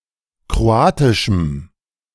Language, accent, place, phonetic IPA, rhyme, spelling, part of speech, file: German, Germany, Berlin, [kʁoˈaːtɪʃm̩], -aːtɪʃm̩, kroatischem, adjective, De-kroatischem.ogg
- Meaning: strong dative masculine/neuter singular of kroatisch